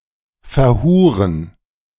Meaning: to spend on prostitution
- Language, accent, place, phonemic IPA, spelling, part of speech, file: German, Germany, Berlin, /fɛɐ̯ˈhuːʁən/, verhuren, verb, De-verhuren.ogg